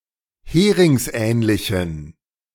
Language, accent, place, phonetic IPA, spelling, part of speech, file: German, Germany, Berlin, [ˈheːʁɪŋsˌʔɛːnlɪçn̩], heringsähnlichen, adjective, De-heringsähnlichen.ogg
- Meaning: inflection of heringsähnlich: 1. strong genitive masculine/neuter singular 2. weak/mixed genitive/dative all-gender singular 3. strong/weak/mixed accusative masculine singular 4. strong dative plural